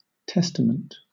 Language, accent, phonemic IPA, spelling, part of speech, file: English, Southern England, /ˈtɛs.tə.mənt/, testament, noun / verb, LL-Q1860 (eng)-testament.wav